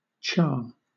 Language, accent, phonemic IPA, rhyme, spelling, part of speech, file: English, Southern England, /t͡ʃɑː/, -ɑː, cha, noun / particle, LL-Q1860 (eng)-cha.wav
- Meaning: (noun) Tea, (sometimes dialect) specifically masala chai; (particle) Used to count out steps, particularly involving the hip-shaking sections of rhythmic Latin dances